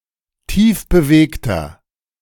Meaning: 1. comparative degree of tiefbewegt 2. inflection of tiefbewegt: strong/mixed nominative masculine singular 3. inflection of tiefbewegt: strong genitive/dative feminine singular
- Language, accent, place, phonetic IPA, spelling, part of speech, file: German, Germany, Berlin, [ˈtiːfbəˌveːktɐ], tiefbewegter, adjective, De-tiefbewegter.ogg